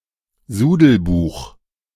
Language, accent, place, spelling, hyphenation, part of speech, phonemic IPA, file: German, Germany, Berlin, Sudelbuch, Su‧del‧buch, noun, /ˈzuːdəlˌbuːx/, De-Sudelbuch.ogg
- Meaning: 1. wastebook (temporary notebook in which details of transactions were entered as they happened, to be copied into formal ledgers later) 2. notebook, notepad